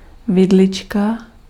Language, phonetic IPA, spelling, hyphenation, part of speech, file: Czech, [ˈvɪdlɪt͡ʃka], vidlička, vi‧dli‧čka, noun, Cs-vidlička.ogg
- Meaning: 1. fork 2. diminutive of vidle